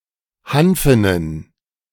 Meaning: inflection of hanfen: 1. strong genitive masculine/neuter singular 2. weak/mixed genitive/dative all-gender singular 3. strong/weak/mixed accusative masculine singular 4. strong dative plural
- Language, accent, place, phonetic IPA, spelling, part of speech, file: German, Germany, Berlin, [ˈhanfənən], hanfenen, adjective, De-hanfenen.ogg